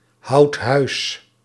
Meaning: inflection of huishouden: 1. second/third-person singular present indicative 2. plural imperative
- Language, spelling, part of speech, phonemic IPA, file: Dutch, houdt huis, verb, /ˈhɑut ˈhœys/, Nl-houdt huis.ogg